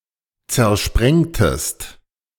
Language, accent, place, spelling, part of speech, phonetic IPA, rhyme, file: German, Germany, Berlin, zersprengtest, verb, [t͡sɛɐ̯ˈʃpʁɛŋtəst], -ɛŋtəst, De-zersprengtest.ogg
- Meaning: inflection of zersprengen: 1. second-person singular preterite 2. second-person singular subjunctive II